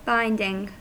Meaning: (adjective) 1. Imposing stipulations or requirements that must be honoured 2. Having the effect of counteracting diarrhea
- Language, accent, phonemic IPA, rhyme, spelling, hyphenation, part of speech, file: English, US, /ˈbaɪndɪŋ/, -aɪndɪŋ, binding, bind‧ing, adjective / noun / verb, En-us-binding.ogg